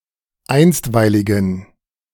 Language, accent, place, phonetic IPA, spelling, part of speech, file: German, Germany, Berlin, [ˈaɪ̯nstvaɪ̯lɪɡn̩], einstweiligen, adjective, De-einstweiligen.ogg
- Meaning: inflection of einstweilig: 1. strong genitive masculine/neuter singular 2. weak/mixed genitive/dative all-gender singular 3. strong/weak/mixed accusative masculine singular 4. strong dative plural